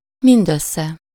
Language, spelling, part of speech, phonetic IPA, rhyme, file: Hungarian, mindössze, adverb, [ˈmindøsːɛ], -sɛ, Hu-mindössze.ogg
- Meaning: altogether, all told, no more than, all in all